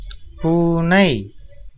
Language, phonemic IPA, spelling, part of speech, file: Tamil, /puːnɐɪ̯/, பூனை, noun, Ta-பூனை.ogg
- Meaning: cat, any animal of the family Felidae